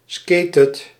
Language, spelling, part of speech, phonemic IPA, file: Dutch, skatet, verb, /ˈskeːt/, Nl-skatet.ogg
- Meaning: inflection of skaten: 1. second/third-person singular present indicative 2. plural imperative